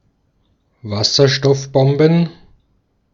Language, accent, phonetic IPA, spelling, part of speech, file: German, Austria, [ˈvasɐʃtɔfˌbɔmbn̩], Wasserstoffbomben, noun, De-at-Wasserstoffbomben.ogg
- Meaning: plural of Wasserstoffbombe